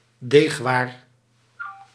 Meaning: dough-based product; a pastry or noodle
- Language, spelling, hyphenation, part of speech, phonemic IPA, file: Dutch, deegwaar, deeg‧waar, noun, /ˈdeːx.ʋaːr/, Nl-deegwaar.ogg